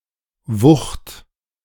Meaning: 1. weight 2. massiveness, bulkiness, bulk 3. force, momentum of a moving mass 4. force, impetus, the sudden accumulation of power into a motion 5. stunning, powerful effect on the mind etc
- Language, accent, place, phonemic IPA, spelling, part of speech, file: German, Germany, Berlin, /vʊxt/, Wucht, noun, De-Wucht.ogg